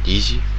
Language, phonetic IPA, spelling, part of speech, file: Malagasy, [izʲ], izy, pronoun, Mg-izy.ogg
- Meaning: Third person, singular and plural